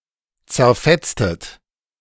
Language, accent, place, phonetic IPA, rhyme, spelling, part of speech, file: German, Germany, Berlin, [t͡sɛɐ̯ˈfɛt͡stət], -ɛt͡stət, zerfetztet, verb, De-zerfetztet.ogg
- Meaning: inflection of zerfetzen: 1. second-person plural preterite 2. second-person plural subjunctive II